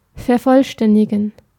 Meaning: to complete, to round off
- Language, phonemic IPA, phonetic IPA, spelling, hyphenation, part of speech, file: German, /fɛʁˈfɔlʃtɛndiɡen/, [fɛɐ̯ˈfɔlʃtɛndiɡŋ̍], vervollständigen, ver‧voll‧stän‧di‧gen, verb, De-vervollständigen.ogg